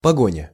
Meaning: 1. chase, pursuit 2. the coat of arms of the Grand Duchy of Lithuania, which depicts a knight on horseback galloping to chase an enemy 3. the former coat of arms of Belarus
- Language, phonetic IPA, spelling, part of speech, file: Russian, [pɐˈɡonʲə], погоня, noun, Ru-погоня.ogg